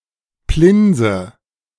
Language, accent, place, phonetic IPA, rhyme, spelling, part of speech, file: German, Germany, Berlin, [ˈplɪnzə], -ɪnzə, Plinse, noun, De-Plinse.ogg
- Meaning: A thin, flat cake made from a dough of milk, eggs and either flour or potatoes